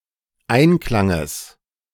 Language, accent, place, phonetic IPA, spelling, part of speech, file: German, Germany, Berlin, [ˈaɪ̯nˌklaŋəs], Einklanges, noun, De-Einklanges.ogg
- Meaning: genitive of Einklang